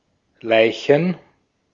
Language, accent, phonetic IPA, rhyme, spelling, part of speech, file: German, Austria, [ˈlaɪ̯çn̩], -aɪ̯çn̩, Leichen, noun, De-at-Leichen.ogg
- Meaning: plural of Leiche